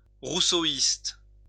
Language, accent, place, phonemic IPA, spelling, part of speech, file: French, France, Lyon, /ʁu.so.ist/, rousseauiste, adjective, LL-Q150 (fra)-rousseauiste.wav
- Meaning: Rousseauean